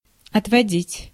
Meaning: 1. to lead away; to take / draw aside; to take away 2. to divert 3. to avert, to parry; to deflect; to draw off; to ward off 4. to allocate, to assign 5. to withdraw 6. to recuse
- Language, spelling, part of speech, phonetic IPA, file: Russian, отводить, verb, [ɐtvɐˈdʲitʲ], Ru-отводить.ogg